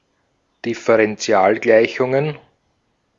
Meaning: plural of Differentialgleichung
- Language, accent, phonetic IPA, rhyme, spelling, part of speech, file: German, Austria, [dɪfəʁɛnˈt͡si̯aːlˌɡlaɪ̯çʊŋən], -aːlɡlaɪ̯çʊŋən, Differentialgleichungen, noun, De-at-Differentialgleichungen.ogg